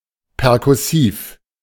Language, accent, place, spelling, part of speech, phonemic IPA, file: German, Germany, Berlin, perkussiv, adjective, /pɛʁkʊˈsiːf/, De-perkussiv.ogg
- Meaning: percussive